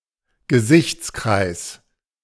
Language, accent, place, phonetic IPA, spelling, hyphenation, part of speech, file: German, Germany, Berlin, [ɡəˈzɪçt͡sˌkʁaɪ̯s], Gesichtskreis, Ge‧sichts‧kreis, noun, De-Gesichtskreis.ogg
- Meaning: 1. field of vision, visual field 2. horizon 3. knowledge, horizon